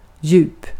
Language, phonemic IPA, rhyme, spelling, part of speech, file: Swedish, /jʉːp/, -ʉːp, djup, adjective / noun, Sv-djup.ogg
- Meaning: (adjective) 1. deep (having a certain or great depth, sometimes more abstractly) 2. deep, profound 3. deep (low in pitch); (noun) depth (how deep something is, in the senses above)